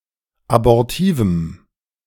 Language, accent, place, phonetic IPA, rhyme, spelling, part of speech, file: German, Germany, Berlin, [abɔʁˈtiːvm̩], -iːvm̩, abortivem, adjective, De-abortivem.ogg
- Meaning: strong dative masculine/neuter singular of abortiv